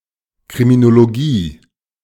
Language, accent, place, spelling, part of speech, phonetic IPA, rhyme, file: German, Germany, Berlin, Kriminologie, noun, [kʁiminoloˈɡiː], -iː, De-Kriminologie.ogg
- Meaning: criminology